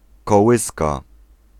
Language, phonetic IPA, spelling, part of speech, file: Polish, [kɔˈwɨska], kołyska, noun, Pl-kołyska.ogg